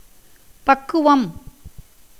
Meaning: 1. suitability, fitness 2. maturity, the right age, stage or degree 3. perfected condition of the soul 4. ability, cleverness 5. attainment of puberty by a girl 6. excuse, apology
- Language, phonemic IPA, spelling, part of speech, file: Tamil, /pɐkːʊʋɐm/, பக்குவம், noun, Ta-பக்குவம்.ogg